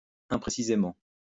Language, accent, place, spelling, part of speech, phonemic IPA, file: French, France, Lyon, imprécisément, adverb, /ɛ̃.pʁe.si.ze.mɑ̃/, LL-Q150 (fra)-imprécisément.wav
- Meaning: imprecisely